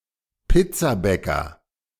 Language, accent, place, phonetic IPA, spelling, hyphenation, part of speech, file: German, Germany, Berlin, [ˈpɪt͡saˌbɛkɐ], Pizzabäcker, Piz‧za‧bä‧cker, noun, De-Pizzabäcker.ogg
- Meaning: pizzamaker, pizzaiolo